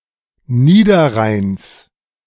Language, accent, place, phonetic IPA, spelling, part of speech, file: German, Germany, Berlin, [ˈniːdɐˌʁaɪ̯ns], Niederrheins, noun, De-Niederrheins.ogg
- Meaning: genitive singular of Niederrhein